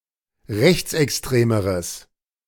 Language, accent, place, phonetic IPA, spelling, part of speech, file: German, Germany, Berlin, [ˈʁɛçt͡sʔɛksˌtʁeːməʁəs], rechtsextremeres, adjective, De-rechtsextremeres.ogg
- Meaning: strong/mixed nominative/accusative neuter singular comparative degree of rechtsextrem